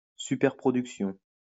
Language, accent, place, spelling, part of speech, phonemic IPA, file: French, France, Lyon, superproduction, noun, /sy.pɛʁ.pʁɔ.dyk.sjɔ̃/, LL-Q150 (fra)-superproduction.wav
- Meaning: blockbuster